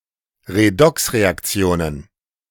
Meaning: plural of Redoxreaktion
- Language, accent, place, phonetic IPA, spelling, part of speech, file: German, Germany, Berlin, [ʁeˈdɔksʁeakˌt͡si̯oːnən], Redoxreaktionen, noun, De-Redoxreaktionen.ogg